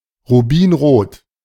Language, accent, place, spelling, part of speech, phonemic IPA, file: German, Germany, Berlin, rubinrot, adjective, /ʁuˈbiːnʁoːt/, De-rubinrot.ogg
- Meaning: ruby-red